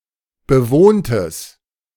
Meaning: strong/mixed nominative/accusative neuter singular of bewohnt
- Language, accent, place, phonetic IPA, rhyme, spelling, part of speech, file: German, Germany, Berlin, [bəˈvoːntəs], -oːntəs, bewohntes, adjective, De-bewohntes.ogg